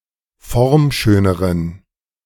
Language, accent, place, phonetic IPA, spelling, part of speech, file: German, Germany, Berlin, [ˈfɔʁmˌʃøːnəʁən], formschöneren, adjective, De-formschöneren.ogg
- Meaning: inflection of formschön: 1. strong genitive masculine/neuter singular comparative degree 2. weak/mixed genitive/dative all-gender singular comparative degree